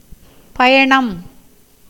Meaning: journey, travel, voyage
- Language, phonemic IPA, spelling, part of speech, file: Tamil, /pɐjɐɳɐm/, பயணம், noun, Ta-பயணம்.ogg